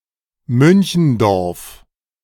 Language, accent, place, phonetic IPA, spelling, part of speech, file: German, Germany, Berlin, [ˈmʏnçn̩ˌdɔʁf], Münchendorf, proper noun, De-Münchendorf.ogg
- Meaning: a municipality of Lower Austria, Austria